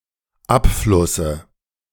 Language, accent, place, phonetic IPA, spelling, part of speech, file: German, Germany, Berlin, [ˈapˌflʊsə], Abflusse, noun, De-Abflusse.ogg
- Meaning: dative singular of Abfluss